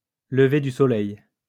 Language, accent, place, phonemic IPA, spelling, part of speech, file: French, France, Lyon, /lə.ve dy sɔ.lɛj/, lever du soleil, noun, LL-Q150 (fra)-lever du soleil.wav
- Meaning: 1. a sunrise 2. dawn